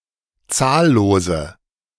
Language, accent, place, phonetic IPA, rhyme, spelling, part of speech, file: German, Germany, Berlin, [ˈt͡saːlloːzə], -aːlloːzə, zahllose, adjective, De-zahllose.ogg
- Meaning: inflection of zahllos: 1. strong/mixed nominative/accusative feminine singular 2. strong nominative/accusative plural 3. weak nominative all-gender singular 4. weak accusative feminine/neuter singular